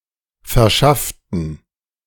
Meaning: inflection of verschaffen: 1. first/third-person plural preterite 2. first/third-person plural subjunctive II
- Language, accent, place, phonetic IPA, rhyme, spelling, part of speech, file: German, Germany, Berlin, [fɛɐ̯ˈʃaftn̩], -aftn̩, verschafften, adjective / verb, De-verschafften.ogg